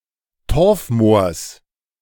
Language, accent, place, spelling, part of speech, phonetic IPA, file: German, Germany, Berlin, Torfmoors, noun, [ˈtɔʁfˌmoːɐ̯s], De-Torfmoors.ogg
- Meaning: genitive singular of Torfmoor